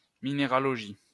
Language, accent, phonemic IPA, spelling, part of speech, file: French, France, /mi.ne.ʁa.lɔ.ʒi/, minéralogie, noun, LL-Q150 (fra)-minéralogie.wav
- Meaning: mineralogy